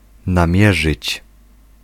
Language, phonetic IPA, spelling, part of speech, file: Polish, [nãˈmʲjɛʒɨt͡ɕ], namierzyć, verb, Pl-namierzyć.ogg